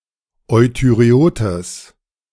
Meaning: strong/mixed nominative/accusative neuter singular of euthyreot
- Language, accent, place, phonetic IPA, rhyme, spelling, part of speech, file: German, Germany, Berlin, [ˌɔɪ̯tyʁeˈoːtəs], -oːtəs, euthyreotes, adjective, De-euthyreotes.ogg